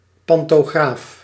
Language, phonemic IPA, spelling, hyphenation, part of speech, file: Dutch, /ˌpɑntoˈɣraf/, pantograaf, pan‧to‧graaf, noun, Nl-pantograaf.ogg
- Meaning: 1. pantograph (a tool for drawing) 2. pantograph (a current collector on trains)